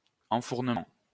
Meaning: charging / loading an oven (with bread etc)
- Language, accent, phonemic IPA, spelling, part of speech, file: French, France, /ɑ̃.fuʁ.nə.mɑ̃/, enfournement, noun, LL-Q150 (fra)-enfournement.wav